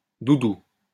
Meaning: 1. any stuffed toy such as a stuffed animal 2. beloved, darling (term of endearment)
- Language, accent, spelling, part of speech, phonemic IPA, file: French, France, doudou, noun, /du.du/, LL-Q150 (fra)-doudou.wav